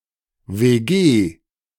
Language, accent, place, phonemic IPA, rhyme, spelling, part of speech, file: German, Germany, Berlin, /veːˈɡeː/, -eː, WG, noun, De-WG.ogg
- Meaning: abbreviation of Wohngemeinschaft (“flatshare”)